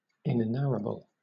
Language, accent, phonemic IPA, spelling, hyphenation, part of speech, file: English, Southern England, /ɪnɪˈnæɹəb(ə)l/, inenarrable, in‧e‧narr‧a‧ble, adjective, LL-Q1860 (eng)-inenarrable.wav
- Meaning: That cannot be told; indescribable, inexpressible, unspeakable